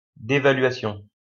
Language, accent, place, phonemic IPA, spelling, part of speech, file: French, France, Lyon, /de.va.lɥa.sjɔ̃/, dévaluation, noun, LL-Q150 (fra)-dévaluation.wav
- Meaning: devaluation